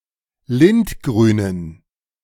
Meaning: inflection of lindgrün: 1. strong genitive masculine/neuter singular 2. weak/mixed genitive/dative all-gender singular 3. strong/weak/mixed accusative masculine singular 4. strong dative plural
- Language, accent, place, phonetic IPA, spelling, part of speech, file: German, Germany, Berlin, [ˈlɪntˌɡʁyːnən], lindgrünen, adjective, De-lindgrünen.ogg